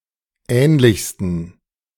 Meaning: 1. superlative degree of ähnlich 2. inflection of ähnlich: strong genitive masculine/neuter singular superlative degree
- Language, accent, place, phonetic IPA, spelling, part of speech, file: German, Germany, Berlin, [ˈɛːnlɪçstn̩], ähnlichsten, adjective, De-ähnlichsten.ogg